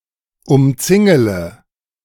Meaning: inflection of umzingeln: 1. first-person singular present 2. first-person plural subjunctive I 3. third-person singular subjunctive I 4. singular imperative
- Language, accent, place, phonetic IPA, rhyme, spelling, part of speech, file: German, Germany, Berlin, [ʊmˈt͡sɪŋələ], -ɪŋələ, umzingele, verb, De-umzingele.ogg